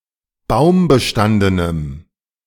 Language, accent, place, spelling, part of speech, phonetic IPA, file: German, Germany, Berlin, baumbestandenem, adjective, [ˈbaʊ̯mbəˌʃtandənəm], De-baumbestandenem.ogg
- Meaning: strong dative masculine/neuter singular of baumbestanden